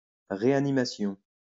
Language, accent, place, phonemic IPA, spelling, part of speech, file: French, France, Lyon, /ʁe.a.ni.ma.sjɔ̃/, réanimation, noun, LL-Q150 (fra)-réanimation.wav
- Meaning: 1. revival, resuscitation 2. intensive care